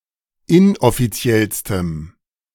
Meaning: strong dative masculine/neuter singular superlative degree of inoffiziell
- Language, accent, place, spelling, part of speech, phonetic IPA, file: German, Germany, Berlin, inoffiziellstem, adjective, [ˈɪnʔɔfiˌt͡si̯ɛlstəm], De-inoffiziellstem.ogg